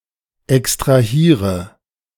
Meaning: inflection of extrahieren: 1. first-person singular present 2. first/third-person singular subjunctive I 3. singular imperative
- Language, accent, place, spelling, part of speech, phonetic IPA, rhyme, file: German, Germany, Berlin, extrahiere, verb, [ɛkstʁaˈhiːʁə], -iːʁə, De-extrahiere.ogg